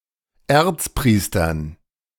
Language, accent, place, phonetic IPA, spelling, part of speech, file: German, Germany, Berlin, [ˈɛʁt͡sˌpʁiːstɐn], Erzpriestern, noun, De-Erzpriestern.ogg
- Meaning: dative plural of Erzpriester